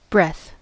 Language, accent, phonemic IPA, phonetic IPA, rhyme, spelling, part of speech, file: English, US, /bɹɛθ/, [bɹ̠ʷɛθ], -ɛθ, breath, noun / adjective / verb, En-us-breath.ogg
- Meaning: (noun) 1. The act or process of breathing 2. A single act of breathing in or out; a breathing of air 3. Air expelled from the lungs 4. A rest or pause